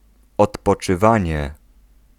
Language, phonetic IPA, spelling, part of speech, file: Polish, [ˌɔtpɔt͡ʃɨˈvãɲɛ], odpoczywanie, noun, Pl-odpoczywanie.ogg